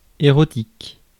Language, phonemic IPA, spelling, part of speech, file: French, /e.ʁɔ.tik/, érotique, adjective, Fr-érotique.ogg
- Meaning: sensual, erotic